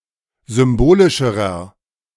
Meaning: inflection of symbolisch: 1. strong/mixed nominative masculine singular comparative degree 2. strong genitive/dative feminine singular comparative degree 3. strong genitive plural comparative degree
- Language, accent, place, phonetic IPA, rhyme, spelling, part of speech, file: German, Germany, Berlin, [ˌzʏmˈboːlɪʃəʁɐ], -oːlɪʃəʁɐ, symbolischerer, adjective, De-symbolischerer.ogg